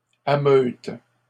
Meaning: inflection of ameuter: 1. first/third-person singular present indicative/subjunctive 2. second-person singular imperative
- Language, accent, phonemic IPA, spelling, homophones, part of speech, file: French, Canada, /a.møt/, ameute, ameutent / ameutes, verb, LL-Q150 (fra)-ameute.wav